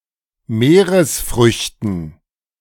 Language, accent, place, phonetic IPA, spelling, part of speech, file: German, Germany, Berlin, [ˈmeːʁəsˌfʁʏçtn̩], Meeresfrüchten, noun, De-Meeresfrüchten.ogg
- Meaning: dative plural of Meeresfrüchte